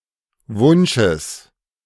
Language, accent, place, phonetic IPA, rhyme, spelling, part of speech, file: German, Germany, Berlin, [ˈvʊnʃəs], -ʊnʃəs, Wunsches, noun, De-Wunsches.ogg
- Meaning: genitive singular of Wunsch